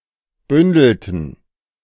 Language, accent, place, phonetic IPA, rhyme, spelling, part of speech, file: German, Germany, Berlin, [ˈbʏndl̩tn̩], -ʏndl̩tn̩, bündelten, verb, De-bündelten.ogg
- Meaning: inflection of bündeln: 1. first/third-person plural preterite 2. first/third-person plural subjunctive II